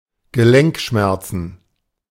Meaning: plural of Gelenkschmerz
- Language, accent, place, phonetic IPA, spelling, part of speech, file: German, Germany, Berlin, [ɡəˈlɛŋkˌʃmɛʁt͡sn̩], Gelenkschmerzen, noun, De-Gelenkschmerzen.ogg